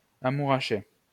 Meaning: to fall hopelessly in love; to be infatuated (de (“with”))
- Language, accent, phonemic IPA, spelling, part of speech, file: French, France, /a.mu.ʁa.ʃe/, amouracher, verb, LL-Q150 (fra)-amouracher.wav